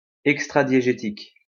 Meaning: extradiegetic, out-of-universe
- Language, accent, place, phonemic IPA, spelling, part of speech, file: French, France, Lyon, /ɛk.stʁa.dje.ʒe.tik/, extradiégétique, adjective, LL-Q150 (fra)-extradiégétique.wav